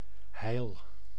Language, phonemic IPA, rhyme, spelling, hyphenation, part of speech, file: Dutch, /ɦɛi̯l/, -ɛi̯l, heil, heil, noun, Nl-heil.ogg
- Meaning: 1. prosperity 2. salvation